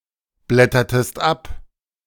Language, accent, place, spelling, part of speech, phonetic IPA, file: German, Germany, Berlin, blättertest ab, verb, [ˌblɛtɐtəst ˈap], De-blättertest ab.ogg
- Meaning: inflection of abblättern: 1. second-person singular preterite 2. second-person singular subjunctive II